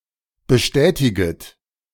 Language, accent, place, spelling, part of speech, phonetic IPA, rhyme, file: German, Germany, Berlin, bestätiget, verb, [bəˈʃtɛːtɪɡət], -ɛːtɪɡət, De-bestätiget.ogg
- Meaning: second-person plural subjunctive I of bestätigen